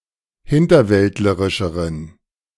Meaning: inflection of hinterwäldlerisch: 1. strong genitive masculine/neuter singular comparative degree 2. weak/mixed genitive/dative all-gender singular comparative degree
- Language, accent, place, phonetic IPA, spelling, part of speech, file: German, Germany, Berlin, [ˈhɪntɐˌvɛltləʁɪʃəʁən], hinterwäldlerischeren, adjective, De-hinterwäldlerischeren.ogg